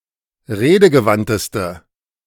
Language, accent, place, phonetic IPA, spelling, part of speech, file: German, Germany, Berlin, [ˈʁeːdəɡəˌvantəstə], redegewandteste, adjective, De-redegewandteste.ogg
- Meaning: inflection of redegewandt: 1. strong/mixed nominative/accusative feminine singular superlative degree 2. strong nominative/accusative plural superlative degree